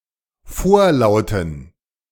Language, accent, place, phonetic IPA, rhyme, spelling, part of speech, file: German, Germany, Berlin, [ˈfoːɐ̯ˌlaʊ̯tn̩], -oːɐ̯laʊ̯tn̩, vorlauten, adjective, De-vorlauten.ogg
- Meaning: inflection of vorlaut: 1. strong genitive masculine/neuter singular 2. weak/mixed genitive/dative all-gender singular 3. strong/weak/mixed accusative masculine singular 4. strong dative plural